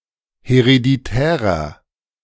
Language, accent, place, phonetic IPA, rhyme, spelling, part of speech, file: German, Germany, Berlin, [heʁediˈtɛːʁɐ], -ɛːʁɐ, hereditärer, adjective, De-hereditärer.ogg
- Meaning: inflection of hereditär: 1. strong/mixed nominative masculine singular 2. strong genitive/dative feminine singular 3. strong genitive plural